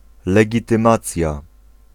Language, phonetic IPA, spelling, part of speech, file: Polish, [ˌlɛɟitɨ̃ˈmat͡sʲja], legitymacja, noun, Pl-legitymacja.ogg